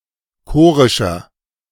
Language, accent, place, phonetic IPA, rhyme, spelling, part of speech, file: German, Germany, Berlin, [ˈkoːʁɪʃɐ], -oːʁɪʃɐ, chorischer, adjective, De-chorischer.ogg
- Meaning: inflection of chorisch: 1. strong/mixed nominative masculine singular 2. strong genitive/dative feminine singular 3. strong genitive plural